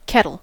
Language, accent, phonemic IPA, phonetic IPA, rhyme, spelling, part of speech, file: English, US, /ˈkɛ.təl/, [ˈkʰɛɾɫ̩], -ɛtəl, kettle, noun / verb, En-us-kettle.ogg
- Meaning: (noun) 1. A vessel for boiling a liquid or cooking food, usually metal and equipped with a lid 2. The quantity held by a kettle